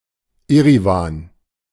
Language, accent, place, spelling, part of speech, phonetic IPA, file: German, Germany, Berlin, Eriwan, proper noun, [ˈeʁivaːn], De-Eriwan.ogg
- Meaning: Yerevan (the capital city of Armenia)